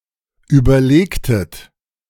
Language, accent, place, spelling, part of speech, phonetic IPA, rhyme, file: German, Germany, Berlin, überlegtet, verb, [ˌyːbɐˈleːktət], -eːktət, De-überlegtet.ogg
- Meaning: inflection of überlegen: 1. second-person plural preterite 2. second-person plural subjunctive II